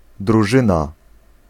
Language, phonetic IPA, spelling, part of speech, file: Polish, [druˈʒɨ̃na], drużyna, noun, Pl-drużyna.ogg